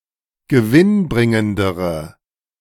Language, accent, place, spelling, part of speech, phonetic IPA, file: German, Germany, Berlin, gewinnbringendere, adjective, [ɡəˈvɪnˌbʁɪŋəndəʁə], De-gewinnbringendere.ogg
- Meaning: inflection of gewinnbringend: 1. strong/mixed nominative/accusative feminine singular comparative degree 2. strong nominative/accusative plural comparative degree